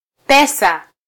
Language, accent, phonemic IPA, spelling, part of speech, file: Swahili, Kenya, /ˈpɛ.sɑ/, pesa, noun, Sw-ke-pesa.flac
- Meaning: 1. money 2. paisa (unit of Indian currency)